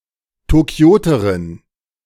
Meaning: female equivalent of Tokioter
- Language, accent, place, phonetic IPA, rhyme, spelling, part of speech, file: German, Germany, Berlin, [toˈki̯oːtəʁɪn], -oːtəʁɪn, Tokioterin, noun, De-Tokioterin.ogg